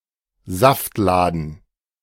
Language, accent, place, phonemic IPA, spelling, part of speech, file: German, Germany, Berlin, /ˈzaftˌlaːdn̩/, Saftladen, noun, De-Saftladen.ogg
- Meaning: dump (poorly run shop or place)